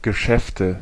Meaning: nominative/accusative/genitive plural of Geschäft
- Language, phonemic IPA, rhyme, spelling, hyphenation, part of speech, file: German, /ɡəˈʃɛftə/, -ɛftə, Geschäfte, Ge‧schäf‧te, noun, De-Geschäfte.ogg